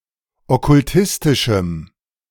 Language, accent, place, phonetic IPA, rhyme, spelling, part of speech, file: German, Germany, Berlin, [ɔkʊlˈtɪstɪʃm̩], -ɪstɪʃm̩, okkultistischem, adjective, De-okkultistischem.ogg
- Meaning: strong dative masculine/neuter singular of okkultistisch